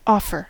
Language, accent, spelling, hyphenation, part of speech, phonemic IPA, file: English, US, offer, of‧fer, noun / verb, /ˈɔfɚ/, En-us-offer.ogg
- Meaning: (noun) 1. A proposal that has been made 2. Something put forth, bid, proffered or tendered